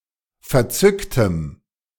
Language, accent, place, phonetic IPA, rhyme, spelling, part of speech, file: German, Germany, Berlin, [fɛɐ̯ˈt͡sʏktəm], -ʏktəm, verzücktem, adjective, De-verzücktem.ogg
- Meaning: strong dative masculine/neuter singular of verzückt